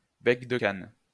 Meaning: a type of latch
- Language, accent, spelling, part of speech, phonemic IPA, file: French, France, bec-de-cane, noun, /bɛk.də.kan/, LL-Q150 (fra)-bec-de-cane.wav